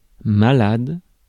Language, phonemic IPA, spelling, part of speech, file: French, /ma.lad/, malade, adjective / noun, Fr-malade.ogg
- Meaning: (adjective) 1. ill, unwell, sick 2. Mentally disturbed; crazy; nuts; mental; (noun) 1. an ill or sick person; a patient 2. someone who is crazy; a nutcase 3. nut (extreme enthusiast)